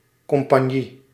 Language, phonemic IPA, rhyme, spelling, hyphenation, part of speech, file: Dutch, /ˌkɔm.pɑnˈji/, -i, compagnie, com‧pag‧nie, noun, Nl-compagnie.ogg
- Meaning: 1. a company, partnership 2. a sub-division of a battalion